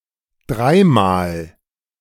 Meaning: thrice, three times
- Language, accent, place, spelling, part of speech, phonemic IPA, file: German, Germany, Berlin, dreimal, adverb, /ˈdraɪ̯maːl/, De-dreimal.ogg